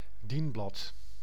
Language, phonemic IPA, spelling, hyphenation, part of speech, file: Dutch, /ˈdin.blɑt/, dienblad, dien‧blad, noun, Nl-dienblad.ogg
- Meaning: service tray, as used to present and serve dishes, drinks etc